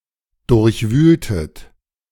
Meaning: inflection of durchwühlen: 1. second-person plural preterite 2. second-person plural subjunctive II
- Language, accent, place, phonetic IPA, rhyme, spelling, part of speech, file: German, Germany, Berlin, [ˌdʊʁçˈvyːltət], -yːltət, durchwühltet, verb, De-durchwühltet.ogg